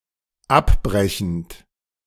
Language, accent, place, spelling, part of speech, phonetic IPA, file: German, Germany, Berlin, abbrechend, verb, [ˈapˌbʁɛçn̩t], De-abbrechend.ogg
- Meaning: present participle of abbrechen